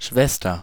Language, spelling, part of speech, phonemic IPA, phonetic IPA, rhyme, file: German, Schwester, noun, /ˈʃvɛstɐ/, [ˈʃʋɛstɐ], -ɛstɐ, De-Schwester.ogg
- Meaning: 1. sister 2. nurse; by extension used to refer to any medical staff that is not a doctor (usually, but not necessarily, confined to female staff) 3. nurse; used as a title of address for nurses